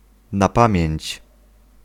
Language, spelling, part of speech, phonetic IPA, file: Polish, na pamięć, adverbial phrase, [na‿ˈpãmʲjɛ̇̃ɲt͡ɕ], Pl-na pamięć.ogg